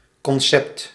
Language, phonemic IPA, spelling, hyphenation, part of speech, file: Dutch, /kɔnˈsɛpt/, concept, con‧cept, noun, Nl-concept.ogg
- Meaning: 1. concept 2. draft, sketch